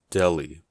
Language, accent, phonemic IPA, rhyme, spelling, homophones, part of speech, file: English, US, /ˈdɛli/, -ɛli, deli, Delhi, noun, En-us-deli.ogg
- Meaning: 1. A shop that sells cooked or prepared food ready for serving 2. Food sold at a delicatessen